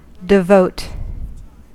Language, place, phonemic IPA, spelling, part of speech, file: English, California, /dɪˈvoʊt/, devote, verb / adjective, En-us-devote.ogg
- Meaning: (verb) 1. to give one's time, focus one's efforts, commit oneself, etc. entirely for, on, or to a certain matter; to consecrate 2. to consign over; to doom 3. to execrate; to curse